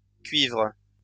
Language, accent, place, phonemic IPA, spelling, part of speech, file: French, France, Lyon, /kɥivʁ/, cuivres, noun / verb, LL-Q150 (fra)-cuivres.wav
- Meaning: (noun) plural of cuivre; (verb) second-person singular present indicative/subjunctive of cuivrer